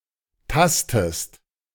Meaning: inflection of tasten: 1. second-person singular present 2. second-person singular subjunctive I
- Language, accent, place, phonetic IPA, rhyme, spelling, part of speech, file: German, Germany, Berlin, [ˈtastəst], -astəst, tastest, verb, De-tastest.ogg